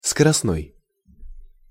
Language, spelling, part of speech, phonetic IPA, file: Russian, скоростной, adjective, [skərɐsˈnoj], Ru-скоростной.ogg
- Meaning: 1. speed, high-speed 2. fast